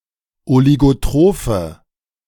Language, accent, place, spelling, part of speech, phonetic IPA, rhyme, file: German, Germany, Berlin, oligotrophe, adjective, [oliɡoˈtʁoːfə], -oːfə, De-oligotrophe.ogg
- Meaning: inflection of oligotroph: 1. strong/mixed nominative/accusative feminine singular 2. strong nominative/accusative plural 3. weak nominative all-gender singular